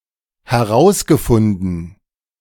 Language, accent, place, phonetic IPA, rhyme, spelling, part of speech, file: German, Germany, Berlin, [hɛˈʁaʊ̯sɡəˌfʊndn̩], -aʊ̯sɡəfʊndn̩, herausgefunden, verb, De-herausgefunden.ogg
- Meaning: past participle of herausfinden - found, found out